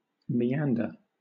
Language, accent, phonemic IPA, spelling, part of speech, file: English, Southern England, /miˈæn.də(ɹ)/, meander, noun / verb, LL-Q1860 (eng)-meander.wav
- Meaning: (noun) One of the turns of a winding, crooked, or involved course